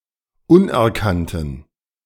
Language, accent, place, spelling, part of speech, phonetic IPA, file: German, Germany, Berlin, unerkannten, adjective, [ˈʊnʔɛɐ̯ˌkantn̩], De-unerkannten.ogg
- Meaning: inflection of unerkannt: 1. strong genitive masculine/neuter singular 2. weak/mixed genitive/dative all-gender singular 3. strong/weak/mixed accusative masculine singular 4. strong dative plural